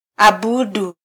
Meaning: to worship; fear; pray
- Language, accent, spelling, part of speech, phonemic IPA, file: Swahili, Kenya, abudu, verb, /ɑˈɓu.ɗu/, Sw-ke-abudu.flac